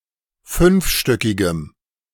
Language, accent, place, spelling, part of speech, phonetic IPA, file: German, Germany, Berlin, fünfstöckigem, adjective, [ˈfʏnfˌʃtœkɪɡəm], De-fünfstöckigem.ogg
- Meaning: strong dative masculine/neuter singular of fünfstöckig